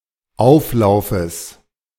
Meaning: genitive singular of Auflauf
- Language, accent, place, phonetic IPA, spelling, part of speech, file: German, Germany, Berlin, [ˈaʊ̯fˌlaʊ̯fəs], Auflaufes, noun, De-Auflaufes.ogg